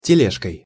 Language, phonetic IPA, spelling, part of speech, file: Russian, [tʲɪˈlʲeʂkəj], тележкой, noun, Ru-тележкой.ogg
- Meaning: instrumental singular of теле́жка (teléžka)